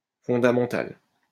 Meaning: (adjective) fundamental; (noun) fundamental (that which is fundamental)
- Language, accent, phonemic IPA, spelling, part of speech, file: French, France, /fɔ̃.da.mɑ̃.tal/, fondamental, adjective / noun, LL-Q150 (fra)-fondamental.wav